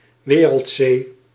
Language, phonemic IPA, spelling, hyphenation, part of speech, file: Dutch, /ˈʋeː.rəltˌseː/, wereldzee, we‧reld‧zee, noun, Nl-wereldzee.ogg
- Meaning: 1. synonym of oceaan (“ocean”) 2. The totality of all of Earth's oceans and major seas